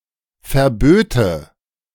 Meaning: first/third-person singular subjunctive II of verbieten
- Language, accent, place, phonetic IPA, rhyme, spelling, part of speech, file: German, Germany, Berlin, [fɛɐ̯ˈbøːtə], -øːtə, verböte, verb, De-verböte.ogg